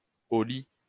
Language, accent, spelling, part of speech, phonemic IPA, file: French, France, au lit, adverb / interjection, /o li/, LL-Q150 (fra)-au lit.wav
- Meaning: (adverb) 1. Used other than figuratively or idiomatically: see au, lit 2. in bed; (interjection) to bed! off to bed! sleepy time!